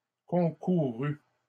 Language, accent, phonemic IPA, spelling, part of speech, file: French, Canada, /kɔ̃.ku.ʁy/, concouru, verb, LL-Q150 (fra)-concouru.wav
- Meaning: past participle of concourir